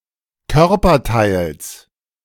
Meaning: genitive of Körperteil
- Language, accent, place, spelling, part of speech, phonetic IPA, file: German, Germany, Berlin, Körperteils, noun, [ˈkœʁpɐˌtaɪ̯ls], De-Körperteils.ogg